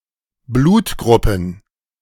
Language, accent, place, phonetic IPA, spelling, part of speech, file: German, Germany, Berlin, [ˈbluːtˌɡʁʊpn̩], Blutgruppen, noun, De-Blutgruppen.ogg
- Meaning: plural of Blutgruppe